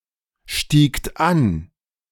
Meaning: second-person plural preterite of ansteigen
- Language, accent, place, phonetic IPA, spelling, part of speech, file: German, Germany, Berlin, [ˌʃtiːkt ˈan], stiegt an, verb, De-stiegt an.ogg